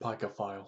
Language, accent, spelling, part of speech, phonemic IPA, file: English, US, pygophile, noun, /ˈpaɪɡəfaɪl/, Pygophile US.ogg
- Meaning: A person with an intense desire and/or sexual preference for the human buttocks